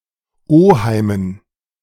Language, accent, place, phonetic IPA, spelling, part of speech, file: German, Germany, Berlin, [ˈoːhaɪ̯mən], Oheimen, noun, De-Oheimen.ogg
- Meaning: dative plural of Oheim